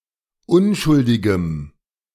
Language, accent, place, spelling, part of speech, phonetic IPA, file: German, Germany, Berlin, unschuldigem, adjective, [ˈʊnʃʊldɪɡəm], De-unschuldigem.ogg
- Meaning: strong dative masculine/neuter singular of unschuldig